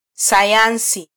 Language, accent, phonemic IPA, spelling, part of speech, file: Swahili, Kenya, /sɑˈjɑn.si/, sayansi, noun, Sw-ke-sayansi.flac
- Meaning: science